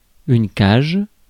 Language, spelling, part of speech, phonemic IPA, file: French, cage, noun, /kaʒ/, Fr-cage.ogg
- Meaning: 1. cage 2. area, penalty area